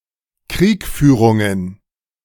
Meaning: plural of Kriegführung
- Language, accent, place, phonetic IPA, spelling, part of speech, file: German, Germany, Berlin, [ˈkʁiːkˌfyːʁʊŋən], Kriegführungen, noun, De-Kriegführungen.ogg